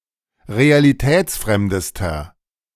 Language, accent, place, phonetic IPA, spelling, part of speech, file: German, Germany, Berlin, [ʁealiˈtɛːt͡sˌfʁɛmdəstɐ], realitätsfremdester, adjective, De-realitätsfremdester.ogg
- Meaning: inflection of realitätsfremd: 1. strong/mixed nominative masculine singular superlative degree 2. strong genitive/dative feminine singular superlative degree